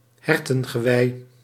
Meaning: an antler or a set of antlers of a deer
- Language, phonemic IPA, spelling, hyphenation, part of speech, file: Dutch, /ˈɦɛr.tə(n).ɣəˌʋɛi̯/, hertengewei, her‧ten‧ge‧wei, noun, Nl-hertengewei.ogg